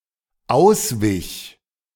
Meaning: first/third-person singular dependent preterite of ausweichen
- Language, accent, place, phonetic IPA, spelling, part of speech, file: German, Germany, Berlin, [ˈaʊ̯sˌvɪç], auswich, verb, De-auswich.ogg